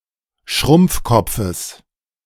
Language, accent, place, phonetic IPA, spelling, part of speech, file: German, Germany, Berlin, [ˈʃʁʊmp͡fˌkɔp͡fəs], Schrumpfkopfes, noun, De-Schrumpfkopfes.ogg
- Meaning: genitive singular of Schrumpfkopf